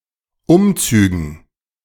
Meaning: dative plural of Umzug
- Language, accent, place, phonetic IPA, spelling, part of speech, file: German, Germany, Berlin, [ˈʊmˌt͡syːɡn̩], Umzügen, noun, De-Umzügen.ogg